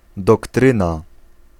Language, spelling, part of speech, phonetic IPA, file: Polish, doktryna, noun, [dɔkˈtrɨ̃na], Pl-doktryna.ogg